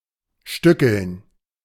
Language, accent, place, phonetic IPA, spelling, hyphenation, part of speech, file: German, Germany, Berlin, [ˈʃtʏkl̩n], stückeln, stü‧ckeln, verb, De-stückeln.ogg
- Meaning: 1. to break into pieces 2. to piece together